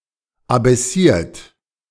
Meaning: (adjective) abaissé; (verb) past participle of abaissieren
- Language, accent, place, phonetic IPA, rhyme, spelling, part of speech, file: German, Germany, Berlin, [abɛˈsiːɐ̯t], -iːɐ̯t, abaissiert, adjective / verb, De-abaissiert.ogg